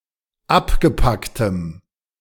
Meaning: strong dative masculine/neuter singular of abgepackt
- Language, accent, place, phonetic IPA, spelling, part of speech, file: German, Germany, Berlin, [ˈapɡəˌpaktəm], abgepacktem, adjective, De-abgepacktem.ogg